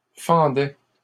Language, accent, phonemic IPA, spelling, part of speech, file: French, Canada, /fɑ̃.dɛ/, fendait, verb, LL-Q150 (fra)-fendait.wav
- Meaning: third-person singular imperfect indicative of fendre